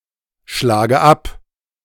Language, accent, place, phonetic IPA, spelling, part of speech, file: German, Germany, Berlin, [ˌʃlaːɡə ˈap], schlage ab, verb, De-schlage ab.ogg
- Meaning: inflection of abschlagen: 1. first-person singular present 2. first/third-person singular subjunctive I 3. singular imperative